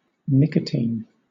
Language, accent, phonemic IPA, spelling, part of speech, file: English, Southern England, /ˈnɪkətiːn/, nicotine, noun, LL-Q1860 (eng)-nicotine.wav
- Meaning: 1. An alkaloid (C₁₀H₁₄N₂), commonly occurring in the tobacco plant 2. Tobacco or cigarettes